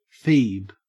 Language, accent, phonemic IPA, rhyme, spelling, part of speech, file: English, Australia, /fiːb/, -iːb, feeb, noun, En-au-feeb.ogg
- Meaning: Someone who is feeble-minded; an idiot